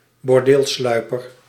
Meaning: suede shoe for men with a thick, soft sole
- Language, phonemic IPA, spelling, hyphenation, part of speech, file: Dutch, /bɔrˈdeːlˌslœy̯.pər/, bordeelsluiper, bor‧deel‧slui‧per, noun, Nl-bordeelsluiper.ogg